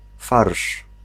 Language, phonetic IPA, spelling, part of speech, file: Polish, [farʃ], farsz, noun, Pl-farsz.ogg